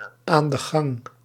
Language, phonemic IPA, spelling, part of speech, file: Dutch, /aːn də ˈɣɑŋ/, aan de gang, prepositional phrase, Nl-aan de gang.ogg
- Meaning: ongoing